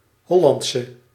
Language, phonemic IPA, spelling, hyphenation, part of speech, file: Dutch, /ˈɦɔlɑntsə/, Hollandse, Hol‧land‧se, noun / adjective, Nl-Hollandse.ogg
- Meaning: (noun) female equivalent of Hollander; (adjective) inflection of Hollands: 1. masculine/feminine singular attributive 2. definite neuter singular attributive 3. plural attributive